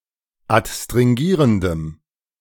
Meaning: strong dative masculine/neuter singular of adstringierend
- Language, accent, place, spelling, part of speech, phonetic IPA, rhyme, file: German, Germany, Berlin, adstringierendem, adjective, [atstʁɪŋˈɡiːʁəndəm], -iːʁəndəm, De-adstringierendem.ogg